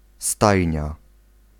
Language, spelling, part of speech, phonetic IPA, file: Polish, stajnia, noun, [ˈstajɲa], Pl-stajnia.ogg